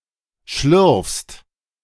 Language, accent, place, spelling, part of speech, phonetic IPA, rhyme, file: German, Germany, Berlin, schlürfst, verb, [ʃlʏʁfst], -ʏʁfst, De-schlürfst.ogg
- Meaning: second-person singular present of schlürfen